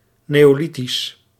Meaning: Neolithic
- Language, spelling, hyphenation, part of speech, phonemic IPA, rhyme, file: Dutch, neolithisch, neo‧li‧thisch, adjective, /ˌneː.oːˈli.tis/, -itis, Nl-neolithisch.ogg